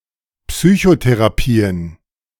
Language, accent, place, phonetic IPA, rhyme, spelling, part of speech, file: German, Germany, Berlin, [ˌpsyçoteʁaˈpiːən], -iːən, Psychotherapien, noun, De-Psychotherapien.ogg
- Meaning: plural of Psychotherapie